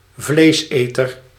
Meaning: carnivore, meat-eating creature
- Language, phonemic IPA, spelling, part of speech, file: Dutch, /ˈvlesetər/, vleeseter, noun, Nl-vleeseter.ogg